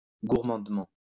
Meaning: greedily
- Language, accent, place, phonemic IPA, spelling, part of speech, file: French, France, Lyon, /ɡuʁ.mɑ̃d.mɑ̃/, gourmandement, adverb, LL-Q150 (fra)-gourmandement.wav